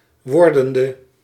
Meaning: inflection of wordend: 1. masculine/feminine singular attributive 2. definite neuter singular attributive 3. plural attributive
- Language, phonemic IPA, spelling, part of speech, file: Dutch, /ˈwɔrdəndə/, wordende, adjective / verb, Nl-wordende.ogg